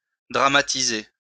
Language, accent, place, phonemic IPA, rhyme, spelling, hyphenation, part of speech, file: French, France, Lyon, /dʁa.ma.ti.ze/, -e, dramatiser, dra‧ma‧ti‧ser, verb, LL-Q150 (fra)-dramatiser.wav
- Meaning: to dramatize